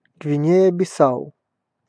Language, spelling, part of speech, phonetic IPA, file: Russian, Гвинея-Бисау, proper noun, [ɡvʲɪˈnʲejə bʲɪˈsaʊ], Ru-Гвинея-Бисау.ogg
- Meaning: Guinea-Bissau (a country in West Africa)